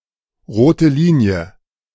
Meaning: red line
- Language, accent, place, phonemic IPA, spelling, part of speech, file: German, Germany, Berlin, /ˈʁoːtə ˈliːni̯ə/, rote Linie, noun, De-rote Linie.ogg